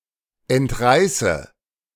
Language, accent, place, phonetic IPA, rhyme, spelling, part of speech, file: German, Germany, Berlin, [ɛntˈʁaɪ̯sə], -aɪ̯sə, entreiße, verb, De-entreiße.ogg
- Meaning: inflection of entreißen: 1. first-person singular present 2. first/third-person singular subjunctive I 3. singular imperative